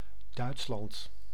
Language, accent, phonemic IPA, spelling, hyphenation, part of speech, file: Dutch, Netherlands, /ˈdœy̯ts.lɑnt/, Duitsland, Duits‧land, proper noun, Nl-Duitsland.ogg
- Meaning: Germany (a country in Central Europe)